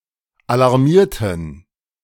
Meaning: inflection of alarmieren: 1. first/third-person plural preterite 2. first/third-person plural subjunctive II
- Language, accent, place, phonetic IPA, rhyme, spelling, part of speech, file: German, Germany, Berlin, [alaʁˈmiːɐ̯tn̩], -iːɐ̯tn̩, alarmierten, adjective / verb, De-alarmierten.ogg